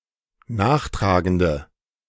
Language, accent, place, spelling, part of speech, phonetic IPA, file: German, Germany, Berlin, nachtragende, adjective, [ˈnaːxˌtʁaːɡəndə], De-nachtragende.ogg
- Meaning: inflection of nachtragend: 1. strong/mixed nominative/accusative feminine singular 2. strong nominative/accusative plural 3. weak nominative all-gender singular